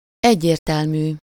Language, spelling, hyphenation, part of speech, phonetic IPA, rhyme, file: Hungarian, egyértelmű, egy‧ér‧tel‧mű, adjective, [ˈɛɟːeːrtɛlmyː], -myː, Hu-egyértelmű.ogg
- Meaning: unambiguous, clear